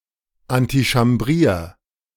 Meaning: 1. singular imperative of antichambrieren 2. first-person singular present of antichambrieren
- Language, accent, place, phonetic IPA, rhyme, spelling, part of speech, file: German, Germany, Berlin, [antiʃamˈbʁiːɐ̯], -iːɐ̯, antichambrier, verb, De-antichambrier.ogg